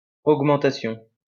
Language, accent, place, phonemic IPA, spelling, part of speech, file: French, France, Lyon, /oɡ.mɑ̃.ta.sjɔ̃/, augmentation, noun, LL-Q150 (fra)-augmentation.wav
- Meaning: 1. an increase, a raise 2. a pay raise